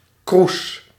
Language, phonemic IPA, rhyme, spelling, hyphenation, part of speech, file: Dutch, /krus/, -us, kroes, kroes, noun / adjective, Nl-kroes.ogg
- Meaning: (noun) 1. chalice, cup, drinking vessel 2. vessel used for heating or smelting resources and raw materials; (adjective) frizzy, nappy